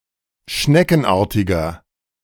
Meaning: inflection of schneckenartig: 1. strong/mixed nominative masculine singular 2. strong genitive/dative feminine singular 3. strong genitive plural
- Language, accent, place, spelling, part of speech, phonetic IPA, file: German, Germany, Berlin, schneckenartiger, adjective, [ˈʃnɛkn̩ˌʔaːɐ̯tɪɡɐ], De-schneckenartiger.ogg